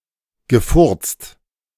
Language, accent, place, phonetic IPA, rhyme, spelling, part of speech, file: German, Germany, Berlin, [ɡəˈfʊʁt͡st], -ʊʁt͡st, gefurzt, verb, De-gefurzt.ogg
- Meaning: past participle of furzen